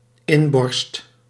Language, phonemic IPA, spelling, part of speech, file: Dutch, /ˈɪmbɔrst/, inborst, noun, Nl-inborst.ogg
- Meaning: character, nature, personality